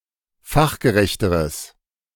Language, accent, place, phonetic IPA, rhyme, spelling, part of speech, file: German, Germany, Berlin, [ˈfaxɡəˌʁɛçtəʁəs], -axɡəʁɛçtəʁəs, fachgerechteres, adjective, De-fachgerechteres.ogg
- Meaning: strong/mixed nominative/accusative neuter singular comparative degree of fachgerecht